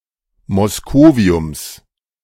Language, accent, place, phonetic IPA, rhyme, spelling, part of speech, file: German, Germany, Berlin, [mɔsˈkoːvi̯ʊms], -oːvi̯ʊms, Moscoviums, noun, De-Moscoviums.ogg
- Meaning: genitive of Moscovium